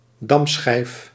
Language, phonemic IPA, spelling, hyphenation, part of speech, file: Dutch, /ˈdɑm.sxɛi̯f/, damschijf, dam‧schijf, noun, Nl-damschijf.ogg
- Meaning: draught, checker